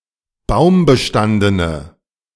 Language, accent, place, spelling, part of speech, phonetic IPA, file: German, Germany, Berlin, baumbestandene, adjective, [ˈbaʊ̯mbəˌʃtandənə], De-baumbestandene.ogg
- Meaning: inflection of baumbestanden: 1. strong/mixed nominative/accusative feminine singular 2. strong nominative/accusative plural 3. weak nominative all-gender singular